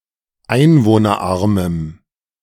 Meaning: strong dative masculine/neuter singular of einwohnerarm
- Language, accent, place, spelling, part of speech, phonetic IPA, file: German, Germany, Berlin, einwohnerarmem, adjective, [ˈaɪ̯nvoːnɐˌʔaʁməm], De-einwohnerarmem.ogg